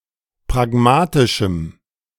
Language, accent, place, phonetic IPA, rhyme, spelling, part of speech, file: German, Germany, Berlin, [pʁaˈɡmaːtɪʃm̩], -aːtɪʃm̩, pragmatischem, adjective, De-pragmatischem.ogg
- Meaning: strong dative masculine/neuter singular of pragmatisch